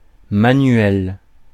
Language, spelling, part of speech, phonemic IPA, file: French, manuel, adjective / noun, /ma.nɥɛl/, Fr-manuel.ogg
- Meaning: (adjective) 1. manual (performed with the hands) 2. manual (peformed by a human rather than a machine) 3. manual (which uses physical effort instead of desk work); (noun) manual, handbook